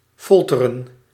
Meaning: 1. to torture 2. to torment, to agonize
- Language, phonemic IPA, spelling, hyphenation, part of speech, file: Dutch, /ˈfɔl.tə.rə(n)/, folteren, fol‧te‧ren, verb, Nl-folteren.ogg